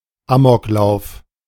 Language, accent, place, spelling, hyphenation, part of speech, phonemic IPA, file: German, Germany, Berlin, Amoklauf, Amok‧lauf, noun, /ˈaːmɔkˌlaʊ̯f/, De-Amoklauf.ogg
- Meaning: 1. killing spree; gun rampage; mass shooting (form of rather indiscriminate mass murder, usually for personal motives, excluding terrorism) 2. rampage; act of running amok